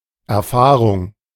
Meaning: experience (event through which empirical knowledge is gained)
- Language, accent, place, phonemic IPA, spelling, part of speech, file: German, Germany, Berlin, /ɛɐ̯ˈfaːʁʊŋ/, Erfahrung, noun, De-Erfahrung.ogg